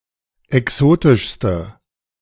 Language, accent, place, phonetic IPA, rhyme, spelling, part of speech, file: German, Germany, Berlin, [ɛˈksoːtɪʃstə], -oːtɪʃstə, exotischste, adjective, De-exotischste.ogg
- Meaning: inflection of exotisch: 1. strong/mixed nominative/accusative feminine singular superlative degree 2. strong nominative/accusative plural superlative degree